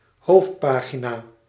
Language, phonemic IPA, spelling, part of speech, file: Dutch, /ˈhoftpaɣina/, hoofdpagina, noun, Nl-hoofdpagina.ogg
- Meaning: main page